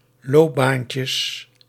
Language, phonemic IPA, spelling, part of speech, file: Dutch, /ˈlobancəs/, loopbaantjes, noun, Nl-loopbaantjes.ogg
- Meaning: plural of loopbaantje